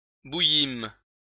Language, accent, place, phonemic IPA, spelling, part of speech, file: French, France, Lyon, /bu.jim/, bouillîmes, verb, LL-Q150 (fra)-bouillîmes.wav
- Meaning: first-person plural past historic of bouillir